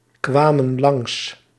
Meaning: inflection of langskomen: 1. plural past indicative 2. plural past subjunctive
- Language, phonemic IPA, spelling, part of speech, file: Dutch, /ˈkwamə(n) ˈlɑŋs/, kwamen langs, verb, Nl-kwamen langs.ogg